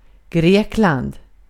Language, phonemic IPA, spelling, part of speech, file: Swedish, /ˈɡreːkland/, Grekland, proper noun, Sv-Grekland.ogg
- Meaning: Greece (a country in Southeastern Europe)